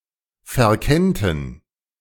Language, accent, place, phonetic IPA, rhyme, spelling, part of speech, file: German, Germany, Berlin, [fɛɐ̯ˈkɛntn̩], -ɛntn̩, verkennten, verb, De-verkennten.ogg
- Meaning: first/third-person plural subjunctive II of verkennen